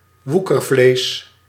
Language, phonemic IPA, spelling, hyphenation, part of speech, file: Dutch, /ˈʋu.kərˌvleːs/, woekervlees, woe‧ker‧vlees, noun, Nl-woekervlees.ogg
- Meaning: granulation tissue